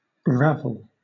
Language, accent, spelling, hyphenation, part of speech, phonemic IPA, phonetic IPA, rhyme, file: English, Southern England, ravel, rav‧el, verb / noun, /ˈɹævəl/, [ˈɹævl̩], -ævəl, LL-Q1860 (eng)-ravel.wav
- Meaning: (verb) 1. To entwine or tangle (something) confusedly; to entangle 2. Often followed by up: to form (something) out of discrete elements, like weaving fabric from threads; to knit